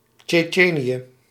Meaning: Chechnya (a republic and federal subject of Russia, in the northern Caucasus)
- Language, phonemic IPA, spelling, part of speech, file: Dutch, /tʃɛˈtʃeːniə/, Tsjetsjenië, proper noun, Nl-Tsjetsjenië.ogg